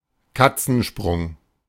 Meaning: stone's throw (short distance)
- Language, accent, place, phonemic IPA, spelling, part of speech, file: German, Germany, Berlin, /ˈkat͡sn̩ˌʃpʁʊŋ/, Katzensprung, noun, De-Katzensprung.ogg